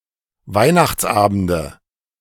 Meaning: nominative/accusative/genitive plural of Weihnachtsabend
- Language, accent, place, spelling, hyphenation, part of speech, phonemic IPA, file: German, Germany, Berlin, Weihnachtsabende, Weih‧nachts‧aben‧de, noun, /ˈvaɪ̯naxt͡sˌʔaːbn̩də/, De-Weihnachtsabende.ogg